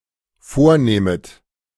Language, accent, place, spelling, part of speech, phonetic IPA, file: German, Germany, Berlin, vornehmet, verb, [ˈfoːɐ̯ˌneːmət], De-vornehmet.ogg
- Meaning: second-person plural dependent subjunctive I of vornehmen